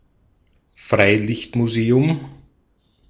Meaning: outdoor / open-air museum
- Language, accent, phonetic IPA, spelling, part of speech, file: German, Austria, [ˈfʁaɪ̯lɪçtmuˌzeːʊm], Freilichtmuseum, noun, De-at-Freilichtmuseum.ogg